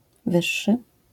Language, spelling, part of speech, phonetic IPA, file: Polish, wyższy, adjective, [ˈvɨʃːɨ], LL-Q809 (pol)-wyższy.wav